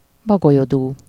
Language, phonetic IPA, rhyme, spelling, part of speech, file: Hungarian, [ˈbɒɡojoduː], -duː, bagolyodú, noun, Hu-bagolyodú.ogg
- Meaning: owlery (an abode of owls)